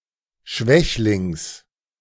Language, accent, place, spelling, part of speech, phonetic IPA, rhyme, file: German, Germany, Berlin, Schwächlings, noun, [ˈʃvɛçlɪŋs], -ɛçlɪŋs, De-Schwächlings.ogg
- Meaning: genitive singular of Schwächling